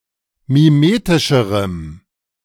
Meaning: strong dative masculine/neuter singular comparative degree of mimetisch
- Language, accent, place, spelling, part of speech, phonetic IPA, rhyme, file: German, Germany, Berlin, mimetischerem, adjective, [miˈmeːtɪʃəʁəm], -eːtɪʃəʁəm, De-mimetischerem.ogg